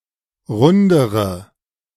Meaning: inflection of rund: 1. strong/mixed nominative/accusative feminine singular comparative degree 2. strong nominative/accusative plural comparative degree
- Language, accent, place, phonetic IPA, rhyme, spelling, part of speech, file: German, Germany, Berlin, [ˈʁʊndəʁə], -ʊndəʁə, rundere, adjective, De-rundere.ogg